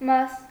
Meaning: 1. part, piece; bit, morsel 2. share, lot, portion 3. holy or hallowed bread, communion bread
- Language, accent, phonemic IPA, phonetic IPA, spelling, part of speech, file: Armenian, Eastern Armenian, /mɑs/, [mɑs], մաս, noun, Hy-մաս.ogg